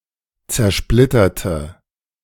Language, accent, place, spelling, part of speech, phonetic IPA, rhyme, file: German, Germany, Berlin, zersplitterte, adjective / verb, [t͡sɛɐ̯ˈʃplɪtɐtə], -ɪtɐtə, De-zersplitterte.ogg
- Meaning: inflection of zersplittern: 1. first/third-person singular preterite 2. first/third-person singular subjunctive II